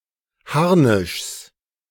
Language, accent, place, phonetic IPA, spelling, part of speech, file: German, Germany, Berlin, [ˈhaʁnɪʃs], Harnischs, noun, De-Harnischs.ogg
- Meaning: genitive singular of Harnisch